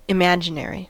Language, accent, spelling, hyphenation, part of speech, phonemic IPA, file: English, General American, imaginary, im‧a‧gin‧a‧ry, adjective / noun, /ɪˈmæd͡ʒɪˌn(ɛ)ɹi/, En-us-imaginary.ogg
- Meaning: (adjective) 1. Existing only in the imagination 2. Relating or belonging to the imagination 3. Having no real part; that part of a complex number which is a multiple of √ (called imaginary unit)